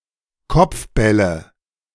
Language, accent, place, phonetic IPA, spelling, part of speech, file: German, Germany, Berlin, [ˈkɔp͡fˌbɛlə], Kopfbälle, noun, De-Kopfbälle.ogg
- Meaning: nominative/accusative/genitive plural of Kopfball